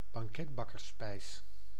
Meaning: an almond paste surrogate made of white beans and sugar
- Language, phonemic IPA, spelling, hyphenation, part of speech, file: Dutch, /bɑŋˈkɛt.bɑ.kərˌspɛi̯s/, banketbakkersspijs, ban‧ket‧bak‧kers‧spijs, noun, Nl-banketbakkersspijs.ogg